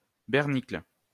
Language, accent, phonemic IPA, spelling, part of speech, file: French, France, /bɛʁ.nikl/, bernicle, noun, LL-Q150 (fra)-bernicle.wav
- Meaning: synonym of bernache